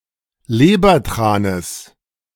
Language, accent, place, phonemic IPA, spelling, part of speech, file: German, Germany, Berlin, /ˈleːbɐˌtʁaːnəs/, Lebertranes, noun, De-Lebertranes.ogg
- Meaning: genitive singular of Lebertran